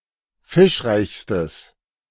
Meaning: strong/mixed nominative/accusative neuter singular superlative degree of fischreich
- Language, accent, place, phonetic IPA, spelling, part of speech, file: German, Germany, Berlin, [ˈfɪʃˌʁaɪ̯çstəs], fischreichstes, adjective, De-fischreichstes.ogg